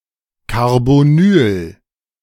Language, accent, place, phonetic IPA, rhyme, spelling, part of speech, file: German, Germany, Berlin, [kaʁboˈnyːl], -yːl, Carbonyl, noun, De-Carbonyl.ogg
- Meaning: carbonyl